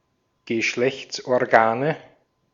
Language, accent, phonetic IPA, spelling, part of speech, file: German, Austria, [ɡəˈʃlɛçt͡sʔɔʁˌɡaːnə], Geschlechtsorgane, noun, De-at-Geschlechtsorgane.ogg
- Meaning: nominative/accusative/genitive plural of Geschlechtsorgan